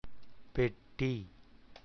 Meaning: 1. chest, trunk, box, case 2. suitcase
- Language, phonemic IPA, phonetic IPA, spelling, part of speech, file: Tamil, /pɛʈːiː/, [pe̞ʈːiː], பெட்டி, noun, Ta-பெட்டி.ogg